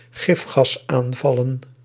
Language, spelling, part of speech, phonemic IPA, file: Dutch, gifgasaanvallen, noun, /ˈɣɪfxɑsˌaɱvɑlə(n)/, Nl-gifgasaanvallen.ogg
- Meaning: plural of gifgasaanval